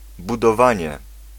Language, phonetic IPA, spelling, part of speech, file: Polish, [ˌbudɔˈvãɲɛ], budowanie, noun, Pl-budowanie.ogg